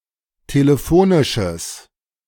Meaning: strong/mixed nominative/accusative neuter singular of telefonisch
- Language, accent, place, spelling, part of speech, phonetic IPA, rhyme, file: German, Germany, Berlin, telefonisches, adjective, [teləˈfoːnɪʃəs], -oːnɪʃəs, De-telefonisches.ogg